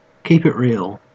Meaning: 1. To perform an individual’s experience of being black in the United States 2. To be authentic, to be true to oneself; to be cool 3. In the imperative, an exhortation used as a departing salutation
- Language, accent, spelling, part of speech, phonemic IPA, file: English, Australia, keep it real, verb, /ˈkiːp ɪt ˈɹiːl/, En-au-keep it real.ogg